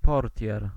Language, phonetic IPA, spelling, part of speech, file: Polish, [ˈpɔrtʲjɛr], portier, noun, Pl-portier.ogg